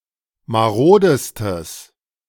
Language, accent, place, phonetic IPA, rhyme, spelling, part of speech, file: German, Germany, Berlin, [maˈʁoːdəstəs], -oːdəstəs, marodestes, adjective, De-marodestes.ogg
- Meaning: strong/mixed nominative/accusative neuter singular superlative degree of marode